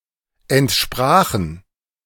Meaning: first/third-person plural preterite of entsprechen
- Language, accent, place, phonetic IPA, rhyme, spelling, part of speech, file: German, Germany, Berlin, [ɛntˈʃpʁaːxn̩], -aːxn̩, entsprachen, verb, De-entsprachen.ogg